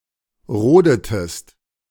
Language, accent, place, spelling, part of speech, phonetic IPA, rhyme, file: German, Germany, Berlin, rodetest, verb, [ˈʁoːdətəst], -oːdətəst, De-rodetest.ogg
- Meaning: inflection of roden: 1. second-person singular preterite 2. second-person singular subjunctive II